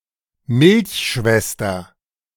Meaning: milk sister
- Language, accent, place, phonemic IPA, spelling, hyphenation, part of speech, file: German, Germany, Berlin, /ˈmɪlçˌʃvɛstɐ/, Milchschwester, Milch‧schwes‧ter, noun, De-Milchschwester.ogg